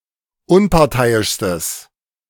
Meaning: strong/mixed nominative/accusative neuter singular superlative degree of unparteiisch
- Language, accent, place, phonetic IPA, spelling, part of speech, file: German, Germany, Berlin, [ˈʊnpaʁˌtaɪ̯ɪʃstəs], unparteiischstes, adjective, De-unparteiischstes.ogg